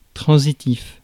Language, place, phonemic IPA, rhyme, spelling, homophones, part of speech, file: French, Paris, /tʁɑ̃.zi.tif/, -if, transitif, transitifs, adjective, Fr-transitif.ogg
- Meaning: transitive (that takes an object or objects)